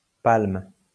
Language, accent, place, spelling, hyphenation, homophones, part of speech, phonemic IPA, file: French, France, Lyon, palme, palme, palment / palmes, noun / verb, /palm/, LL-Q150 (fra)-palme.wav
- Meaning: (noun) 1. palm leaf: palm (attribute of a victor or (Christianity) martyr) 2. palm leaf: palm (prize) 3. palm leaf: flipper, fin, swim fin 4. synonym of palmier (“palm tree”)